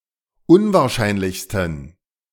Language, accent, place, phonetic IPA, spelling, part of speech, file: German, Germany, Berlin, [ˈʊnvaːɐ̯ˌʃaɪ̯nlɪçstn̩], unwahrscheinlichsten, adjective, De-unwahrscheinlichsten.ogg
- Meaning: 1. superlative degree of unwahrscheinlich 2. inflection of unwahrscheinlich: strong genitive masculine/neuter singular superlative degree